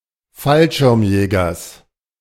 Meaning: genitive singular of Fallschirmjäger
- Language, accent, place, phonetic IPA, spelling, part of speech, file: German, Germany, Berlin, [ˈfalʃɪʁmˌjɛːɡɐs], Fallschirmjägers, noun, De-Fallschirmjägers.ogg